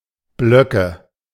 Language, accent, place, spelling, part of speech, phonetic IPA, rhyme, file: German, Germany, Berlin, Blöcke, noun, [ˈblœkə], -œkə, De-Blöcke.ogg
- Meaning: nominative/accusative/genitive plural of Block